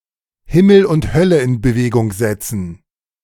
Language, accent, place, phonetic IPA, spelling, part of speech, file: German, Germany, Berlin, [ˈhɪml̩ ʊnt ˈhœlə ɪn bəˈveːɡʊŋ ˈzɛt͡sn̩], Himmel und Hölle in Bewegung setzen, verb, De-Himmel und Hölle in Bewegung setzen.ogg
- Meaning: to move heaven and earth